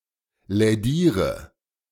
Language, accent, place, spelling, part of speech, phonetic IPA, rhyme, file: German, Germany, Berlin, lädiere, verb, [lɛˈdiːʁə], -iːʁə, De-lädiere.ogg
- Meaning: inflection of lädieren: 1. first-person singular present 2. first/third-person singular subjunctive I 3. singular imperative